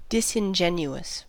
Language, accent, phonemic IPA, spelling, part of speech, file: English, US, /ˌdɪ.sɪnˈd͡ʒɛn.ju.əs/, disingenuous, adjective, En-us-disingenuous.ogg
- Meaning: 1. Not honourable; unworthy of honour 2. Not ingenuous; not frank or open 3. Assuming a pose of naïveté to make a point or for deception